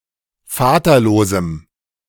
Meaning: strong dative masculine/neuter singular of vaterlos
- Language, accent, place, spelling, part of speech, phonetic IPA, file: German, Germany, Berlin, vaterlosem, adjective, [ˈfaːtɐˌloːzm̩], De-vaterlosem.ogg